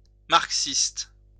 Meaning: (adjective) Marxist
- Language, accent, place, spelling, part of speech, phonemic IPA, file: French, France, Lyon, marxiste, adjective / noun, /maʁk.sist/, LL-Q150 (fra)-marxiste.wav